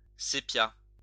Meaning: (noun) sepia
- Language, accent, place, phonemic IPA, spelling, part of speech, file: French, France, Lyon, /se.pja/, sépia, noun / adjective, LL-Q150 (fra)-sépia.wav